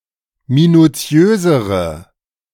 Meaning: inflection of minutiös: 1. strong/mixed nominative/accusative feminine singular comparative degree 2. strong nominative/accusative plural comparative degree
- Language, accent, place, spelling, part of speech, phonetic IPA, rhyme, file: German, Germany, Berlin, minutiösere, adjective, [minuˈt͡si̯øːzəʁə], -øːzəʁə, De-minutiösere.ogg